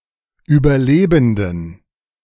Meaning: dative plural of Überlebender
- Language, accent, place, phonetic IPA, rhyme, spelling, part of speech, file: German, Germany, Berlin, [yːbɐˈleːbn̩dən], -eːbn̩dən, Überlebenden, noun, De-Überlebenden.ogg